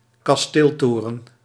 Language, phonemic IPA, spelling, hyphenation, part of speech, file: Dutch, /kɑsˈteːlˌtoː.rə(n)/, kasteeltoren, kas‧teel‧to‧ren, noun, Nl-kasteeltoren.ogg
- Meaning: castle tower (e.g. a keep, turret or any other tower belonging to a castle)